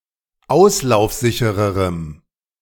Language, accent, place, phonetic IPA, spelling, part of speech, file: German, Germany, Berlin, [ˈaʊ̯slaʊ̯fˌzɪçəʁəʁəm], auslaufsichererem, adjective, De-auslaufsichererem.ogg
- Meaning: strong dative masculine/neuter singular comparative degree of auslaufsicher